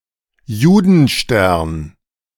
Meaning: yellow badge (in Nazi-controlled states, a cloth patch that Jews were ordered to sew on their outer garments)
- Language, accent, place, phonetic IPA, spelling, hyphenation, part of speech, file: German, Germany, Berlin, [ˈjuːdn̩ˌʃtɛʁn], Judenstern, Ju‧den‧stern, noun, De-Judenstern.ogg